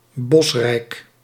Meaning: heavily wooded
- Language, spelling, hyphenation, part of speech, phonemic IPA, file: Dutch, bosrijk, bos‧rijk, adjective, /ˈbɔs.rɛi̯k/, Nl-bosrijk.ogg